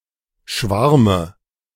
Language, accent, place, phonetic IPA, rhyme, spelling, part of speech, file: German, Germany, Berlin, [ˈʃvaʁmə], -aʁmə, Schwarme, noun, De-Schwarme.ogg
- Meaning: dative of Schwarm